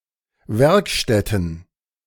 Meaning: plural of Werkstatt
- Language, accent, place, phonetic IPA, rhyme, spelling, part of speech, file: German, Germany, Berlin, [ˈvɛʁkˌʃtɛtn̩], -ɛʁkʃtɛtn̩, Werkstätten, noun, De-Werkstätten.ogg